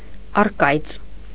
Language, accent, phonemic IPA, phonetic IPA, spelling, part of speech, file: Armenian, Eastern Armenian, /ɑrˈkɑjt͡s/, [ɑrkɑ́jt͡s], առկայծ, adjective, Hy-առկայծ.ogg
- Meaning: fading, waning, dimming (of fire or light)